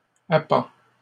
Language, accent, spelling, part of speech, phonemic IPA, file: French, Canada, appends, verb, /a.pɑ̃/, LL-Q150 (fra)-appends.wav
- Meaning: inflection of appendre: 1. first/second-person singular present indicative 2. second-person singular imperative